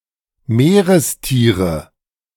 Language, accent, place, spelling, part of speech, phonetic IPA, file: German, Germany, Berlin, Meerestiere, noun, [ˈmeːʁəsˌtiːʁə], De-Meerestiere.ogg
- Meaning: nominative/accusative/genitive plural of Meerestier